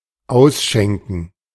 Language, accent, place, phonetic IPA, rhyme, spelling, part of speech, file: German, Germany, Berlin, [ˈaʊ̯sˌʃɛŋkn̩], -aʊ̯sʃɛŋkn̩, ausschenken, verb, De-ausschenken.ogg
- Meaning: to pour, to pour out, to sell